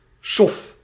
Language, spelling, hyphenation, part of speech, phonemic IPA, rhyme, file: Dutch, sof, sof, noun, /sɔf/, -ɔf, Nl-sof.ogg
- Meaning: 1. bummer, disappointment 2. a nobody, a failure of a person